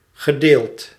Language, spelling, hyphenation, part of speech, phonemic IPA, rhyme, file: Dutch, gedeeld, ge‧deeld, adjective / verb, /ɣəˈdeːlt/, -eːlt, Nl-gedeeld.ogg
- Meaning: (adjective) divided into two equal parts vertically, per pale; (verb) past participle of delen